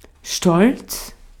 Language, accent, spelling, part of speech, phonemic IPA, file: German, Austria, stolz, adjective, /ʃtɔlt͡s/, De-at-stolz.ogg
- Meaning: 1. proud 2. haughty